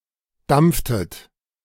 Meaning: inflection of dampfen: 1. second-person plural preterite 2. second-person plural subjunctive II
- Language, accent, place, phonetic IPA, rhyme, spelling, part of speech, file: German, Germany, Berlin, [ˈdamp͡ftət], -amp͡ftət, dampftet, verb, De-dampftet.ogg